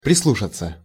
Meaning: 1. to listen to (carefully), to lend an ear 2. to listen to, to heed, to pay attention to
- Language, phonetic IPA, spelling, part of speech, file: Russian, [prʲɪsˈɫuʂət͡sə], прислушаться, verb, Ru-прислушаться.ogg